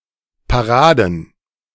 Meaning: plural of Parade
- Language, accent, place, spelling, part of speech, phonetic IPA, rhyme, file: German, Germany, Berlin, Paraden, noun, [paˈʁaːdn̩], -aːdn̩, De-Paraden.ogg